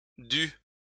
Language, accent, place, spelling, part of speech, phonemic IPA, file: French, France, Lyon, dues, verb, /dy/, LL-Q150 (fra)-dues.wav
- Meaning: feminine plural of dû